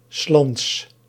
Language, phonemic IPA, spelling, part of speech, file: Dutch, /(ə)ˈslɑnts/, 's lands, phrase, Nl-'s lands.ogg
- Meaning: the country's; of the country; in the country